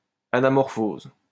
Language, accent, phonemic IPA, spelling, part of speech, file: French, France, /a.na.mɔʁ.foz/, anamorphose, noun, LL-Q150 (fra)-anamorphose.wav
- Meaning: anamorphosis